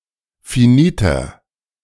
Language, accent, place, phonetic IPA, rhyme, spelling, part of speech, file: German, Germany, Berlin, [fiˈniːtɐ], -iːtɐ, finiter, adjective, De-finiter.ogg
- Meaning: inflection of finit: 1. strong/mixed nominative masculine singular 2. strong genitive/dative feminine singular 3. strong genitive plural